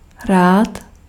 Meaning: glad
- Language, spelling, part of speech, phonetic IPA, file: Czech, rád, adjective, [ˈraːt], Cs-rád.ogg